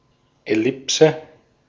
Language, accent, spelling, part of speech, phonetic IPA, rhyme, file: German, Austria, Ellipse, noun, [ɛˈlɪpsə], -ɪpsə, De-at-Ellipse.ogg
- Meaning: 1. ellipse 2. ellipsis